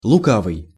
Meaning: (adjective) 1. sly, crafty, cunning 2. arch, playful (knowing, clever, mischievous); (proper noun) the Evil One
- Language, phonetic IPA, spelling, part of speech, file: Russian, [ɫʊˈkavɨj], лукавый, adjective / proper noun, Ru-лукавый.ogg